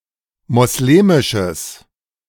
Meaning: strong/mixed nominative/accusative neuter singular of moslemisch
- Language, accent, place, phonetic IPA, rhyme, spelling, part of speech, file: German, Germany, Berlin, [mɔsˈleːmɪʃəs], -eːmɪʃəs, moslemisches, adjective, De-moslemisches.ogg